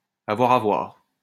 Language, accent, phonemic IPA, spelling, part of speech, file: French, France, /a.vwa.ʁ‿a vwaʁ/, avoir à voir, verb, LL-Q150 (fra)-avoir à voir.wav
- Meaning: to have to do with